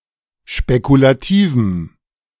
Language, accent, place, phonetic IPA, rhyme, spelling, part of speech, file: German, Germany, Berlin, [ʃpekulaˈtiːvm̩], -iːvm̩, spekulativem, adjective, De-spekulativem.ogg
- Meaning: strong dative masculine/neuter singular of spekulativ